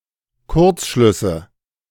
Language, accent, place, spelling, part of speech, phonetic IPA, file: German, Germany, Berlin, Kurzschlüsse, noun, [ˈkʊʁt͡sˌʃlʏsə], De-Kurzschlüsse.ogg
- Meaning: nominative/accusative/genitive plural of Kurzschluss